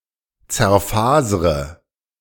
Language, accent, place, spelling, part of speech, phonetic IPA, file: German, Germany, Berlin, zerfasre, verb, [t͡sɛɐ̯ˈfaːzʁə], De-zerfasre.ogg
- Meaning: inflection of zerfasern: 1. first-person singular present 2. first/third-person singular subjunctive I 3. singular imperative